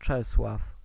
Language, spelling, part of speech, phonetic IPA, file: Polish, Czesław, proper noun, [ˈt͡ʃɛswaf], Pl-Czesław.ogg